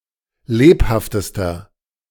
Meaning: inflection of lebhaft: 1. strong/mixed nominative masculine singular superlative degree 2. strong genitive/dative feminine singular superlative degree 3. strong genitive plural superlative degree
- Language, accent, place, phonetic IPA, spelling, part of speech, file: German, Germany, Berlin, [ˈleːphaftəstɐ], lebhaftester, adjective, De-lebhaftester.ogg